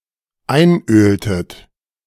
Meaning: inflection of einölen: 1. second-person plural dependent preterite 2. second-person plural dependent subjunctive II
- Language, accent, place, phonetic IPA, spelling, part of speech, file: German, Germany, Berlin, [ˈaɪ̯nˌʔøːltət], einöltet, verb, De-einöltet.ogg